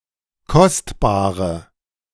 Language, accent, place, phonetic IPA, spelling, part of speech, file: German, Germany, Berlin, [ˈkɔstbaːʁə], kostbare, adjective, De-kostbare.ogg
- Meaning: inflection of kostbar: 1. strong/mixed nominative/accusative feminine singular 2. strong nominative/accusative plural 3. weak nominative all-gender singular 4. weak accusative feminine/neuter singular